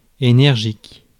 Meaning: energetic, lively; vigorous
- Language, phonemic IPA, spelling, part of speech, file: French, /e.nɛʁ.ʒik/, énergique, adjective, Fr-énergique.ogg